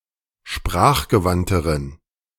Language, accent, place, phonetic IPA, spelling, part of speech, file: German, Germany, Berlin, [ˈʃpʁaːxɡəˌvantəʁən], sprachgewandteren, adjective, De-sprachgewandteren.ogg
- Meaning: inflection of sprachgewandt: 1. strong genitive masculine/neuter singular comparative degree 2. weak/mixed genitive/dative all-gender singular comparative degree